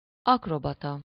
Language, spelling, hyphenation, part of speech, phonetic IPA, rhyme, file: Hungarian, akrobata, ak‧ro‧ba‧ta, noun, [ˈɒkrobɒtɒ], -tɒ, Hu-akrobata.ogg
- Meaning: acrobat